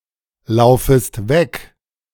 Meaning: second-person singular subjunctive I of weglaufen
- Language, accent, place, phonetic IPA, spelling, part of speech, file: German, Germany, Berlin, [ˌlaʊ̯fəst ˈvɛk], laufest weg, verb, De-laufest weg.ogg